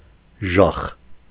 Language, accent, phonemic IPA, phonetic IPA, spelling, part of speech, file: Armenian, Eastern Armenian, /ʒɑχ/, [ʒɑχ], ժախ, noun, Hy-ժախ.ogg
- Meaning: horse fennel, Hippomarathrum